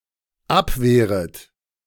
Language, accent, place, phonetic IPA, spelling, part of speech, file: German, Germany, Berlin, [ˈapˌveːʁət], abwehret, verb, De-abwehret.ogg
- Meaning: second-person plural dependent subjunctive I of abwehren